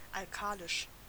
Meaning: alkaline
- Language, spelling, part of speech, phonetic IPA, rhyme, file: German, alkalisch, adjective, [alˈkaːlɪʃ], -aːlɪʃ, De-alkalisch.ogg